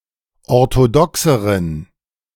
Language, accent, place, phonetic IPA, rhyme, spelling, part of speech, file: German, Germany, Berlin, [ɔʁtoˈdɔksəʁən], -ɔksəʁən, orthodoxeren, adjective, De-orthodoxeren.ogg
- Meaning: inflection of orthodox: 1. strong genitive masculine/neuter singular comparative degree 2. weak/mixed genitive/dative all-gender singular comparative degree